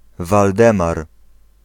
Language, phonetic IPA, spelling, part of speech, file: Polish, [valˈdɛ̃mar], Waldemar, proper noun, Pl-Waldemar.ogg